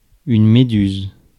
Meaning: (noun) jellyfish; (verb) inflection of méduser: 1. first/third-person singular present indicative/subjunctive 2. second-person singular imperative
- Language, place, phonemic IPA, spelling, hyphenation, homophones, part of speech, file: French, Paris, /me.dyz/, méduse, mé‧duse, médusent / méduses / Méduse, noun / verb, Fr-méduse.ogg